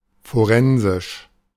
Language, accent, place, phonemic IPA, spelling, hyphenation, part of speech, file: German, Germany, Berlin, /foˈʁɛnzɪʃ/, forensisch, fo‧ren‧sisch, adjective, De-forensisch.ogg
- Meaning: 1. legal, pertaining to courts or trials 2. forensic (relating to the use of science and technology in the investigation and establishment of facts or evidence in a court of law)